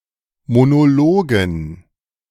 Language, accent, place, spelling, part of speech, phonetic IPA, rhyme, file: German, Germany, Berlin, Monologen, noun, [monoˈloːɡn̩], -oːɡn̩, De-Monologen.ogg
- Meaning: dative plural of Monolog